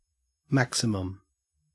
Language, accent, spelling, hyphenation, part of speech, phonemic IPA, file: English, Australia, maximum, max‧i‧mum, noun / adjective, /ˈmæksɪməm/, En-au-maximum.ogg
- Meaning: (noun) 1. The highest limit 2. The greatest value of a set or other mathematical structure, especially the global maximum or a local maximum of a function